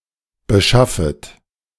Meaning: second-person plural subjunctive I of beschaffen
- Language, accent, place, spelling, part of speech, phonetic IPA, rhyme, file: German, Germany, Berlin, beschaffet, verb, [bəˈʃafət], -afət, De-beschaffet.ogg